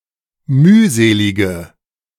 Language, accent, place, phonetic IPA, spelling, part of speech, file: German, Germany, Berlin, [ˈmyːˌzeːlɪɡə], mühselige, adjective, De-mühselige.ogg
- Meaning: inflection of mühselig: 1. strong/mixed nominative/accusative feminine singular 2. strong nominative/accusative plural 3. weak nominative all-gender singular